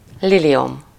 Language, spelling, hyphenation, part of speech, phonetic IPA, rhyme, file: Hungarian, liliom, li‧li‧om, noun, [ˈlilijom], -om, Hu-liliom.ogg
- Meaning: lily (any of several flowers in the genus Lilium)